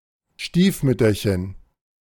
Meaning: 1. diminutive of Stiefmutter 2. pansy (plant)
- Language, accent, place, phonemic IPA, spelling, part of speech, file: German, Germany, Berlin, /ˈʃtiːfˌmʏtɐçən/, Stiefmütterchen, noun, De-Stiefmütterchen.ogg